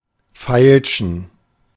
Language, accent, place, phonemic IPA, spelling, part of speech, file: German, Germany, Berlin, /ˈfaɪ̯lʃən/, feilschen, verb, De-feilschen.ogg
- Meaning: 1. to haggle 2. to bid, make an offer for (some article)